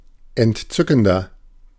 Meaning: 1. comparative degree of entzückend 2. inflection of entzückend: strong/mixed nominative masculine singular 3. inflection of entzückend: strong genitive/dative feminine singular
- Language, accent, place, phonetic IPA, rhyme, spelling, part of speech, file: German, Germany, Berlin, [ɛntˈt͡sʏkn̩dɐ], -ʏkn̩dɐ, entzückender, adjective, De-entzückender.ogg